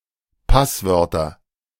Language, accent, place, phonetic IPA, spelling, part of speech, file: German, Germany, Berlin, [ˈpasˌvœʁtɐ], Passwörter, noun, De-Passwörter.ogg
- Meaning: nominative/accusative/genitive plural of Passwort